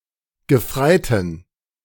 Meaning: genitive singular of Gefreiter
- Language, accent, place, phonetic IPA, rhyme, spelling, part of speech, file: German, Germany, Berlin, [ɡəˈfʁaɪ̯tn̩], -aɪ̯tn̩, Gefreiten, noun, De-Gefreiten.ogg